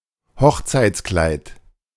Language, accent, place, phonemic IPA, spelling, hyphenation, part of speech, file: German, Germany, Berlin, /ˈhɔxt͡saɪ̯t͡sklaɪ̯t/, Hochzeitskleid, Hoch‧zeits‧kleid, noun, De-Hochzeitskleid.ogg
- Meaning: wedding dress, wedding gown